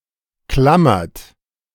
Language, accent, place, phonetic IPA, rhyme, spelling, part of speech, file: German, Germany, Berlin, [ˈklamɐt], -amɐt, klammert, verb, De-klammert.ogg
- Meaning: inflection of klammern: 1. second-person plural present 2. third-person singular present 3. plural imperative